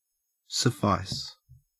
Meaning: 1. To be enough or sufficient; to meet the need (of anything); to be adequate; to be good enough 2. To satisfy; to content; to be equal to the wants or demands of 3. To furnish; to supply adequately
- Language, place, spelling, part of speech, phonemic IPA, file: English, Queensland, suffice, verb, /səˈfɑes/, En-au-suffice.ogg